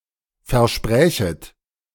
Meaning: second-person plural subjunctive II of versprechen
- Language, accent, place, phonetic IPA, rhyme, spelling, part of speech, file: German, Germany, Berlin, [fɛɐ̯ˈʃpʁɛːçət], -ɛːçət, versprächet, verb, De-versprächet.ogg